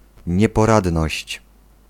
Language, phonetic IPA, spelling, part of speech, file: Polish, [ˌɲɛpɔˈradnɔɕt͡ɕ], nieporadność, noun, Pl-nieporadność.ogg